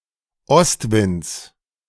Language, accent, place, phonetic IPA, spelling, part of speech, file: German, Germany, Berlin, [ˈɔstˌvɪnt͡s], Ostwinds, noun, De-Ostwinds.ogg
- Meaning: genitive singular of Ostwind